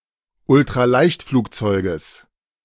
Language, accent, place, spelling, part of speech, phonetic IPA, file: German, Germany, Berlin, Ultraleichtflugzeuges, noun, [ʊltʁaˈlaɪ̯çtfluːkˌt͡sɔɪ̯ɡəs], De-Ultraleichtflugzeuges.ogg
- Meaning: genitive singular of Ultraleichtflugzeug